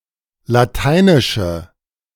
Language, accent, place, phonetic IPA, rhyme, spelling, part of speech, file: German, Germany, Berlin, [laˈtaɪ̯nɪʃə], -aɪ̯nɪʃə, lateinische, adjective, De-lateinische.ogg
- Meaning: inflection of lateinisch: 1. strong/mixed nominative/accusative feminine singular 2. strong nominative/accusative plural 3. weak nominative all-gender singular